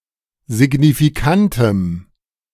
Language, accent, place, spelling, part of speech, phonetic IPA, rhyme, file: German, Germany, Berlin, signifikantem, adjective, [zɪɡnifiˈkantəm], -antəm, De-signifikantem.ogg
- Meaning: strong dative masculine/neuter singular of signifikant